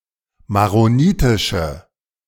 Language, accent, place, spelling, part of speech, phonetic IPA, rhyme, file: German, Germany, Berlin, maronitische, adjective, [maʁoˈniːtɪʃə], -iːtɪʃə, De-maronitische.ogg
- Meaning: inflection of maronitisch: 1. strong/mixed nominative/accusative feminine singular 2. strong nominative/accusative plural 3. weak nominative all-gender singular